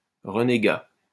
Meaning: renegade
- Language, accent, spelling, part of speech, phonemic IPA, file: French, France, renégat, noun, /ʁə.ne.ɡa/, LL-Q150 (fra)-renégat.wav